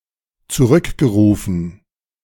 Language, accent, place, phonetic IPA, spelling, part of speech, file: German, Germany, Berlin, [t͡suˈʁʏkɡəˌʁuːfn̩], zurückgerufen, verb, De-zurückgerufen.ogg
- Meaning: past participle of zurückrufen